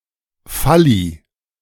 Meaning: plural of Phallus
- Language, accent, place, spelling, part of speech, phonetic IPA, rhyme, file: German, Germany, Berlin, Phalli, noun, [ˈfaliː], -ali, De-Phalli.ogg